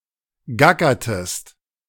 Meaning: inflection of gackern: 1. second-person singular preterite 2. second-person singular subjunctive II
- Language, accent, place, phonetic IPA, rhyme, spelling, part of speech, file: German, Germany, Berlin, [ˈɡakɐtəst], -akɐtəst, gackertest, verb, De-gackertest.ogg